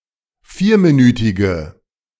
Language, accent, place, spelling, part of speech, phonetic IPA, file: German, Germany, Berlin, vierminütige, adjective, [ˈfiːɐ̯miˌnyːtɪɡə], De-vierminütige.ogg
- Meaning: inflection of vierminütig: 1. strong/mixed nominative/accusative feminine singular 2. strong nominative/accusative plural 3. weak nominative all-gender singular